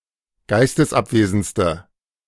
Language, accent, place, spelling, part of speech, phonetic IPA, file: German, Germany, Berlin, geistesabwesendste, adjective, [ˈɡaɪ̯stəsˌʔapveːzn̩t͡stə], De-geistesabwesendste.ogg
- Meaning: inflection of geistesabwesend: 1. strong/mixed nominative/accusative feminine singular superlative degree 2. strong nominative/accusative plural superlative degree